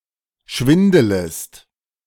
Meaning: second-person singular subjunctive I of schwindeln
- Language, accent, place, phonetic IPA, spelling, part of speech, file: German, Germany, Berlin, [ˈʃvɪndələst], schwindelest, verb, De-schwindelest.ogg